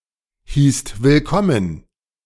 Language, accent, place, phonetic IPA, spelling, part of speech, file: German, Germany, Berlin, [hiːst vɪlˈkɔmən], hießt willkommen, verb, De-hießt willkommen.ogg
- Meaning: second-person singular/plural preterite of willkommen heißen